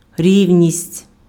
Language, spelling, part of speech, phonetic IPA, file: Ukrainian, рівність, noun, [ˈrʲiu̯nʲisʲtʲ], Uk-рівність.ogg
- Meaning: 1. flatness, evenness 2. equality, parity